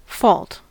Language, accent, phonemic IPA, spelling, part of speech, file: English, US, /fɔlt/, fault, noun / verb, En-us-fault.ogg
- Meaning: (noun) 1. Culpability; the responsibility for a blameworthy event 2. A defect, imperfection, or weakness; more severe than a flaw.: A failing of character; less severe than a vice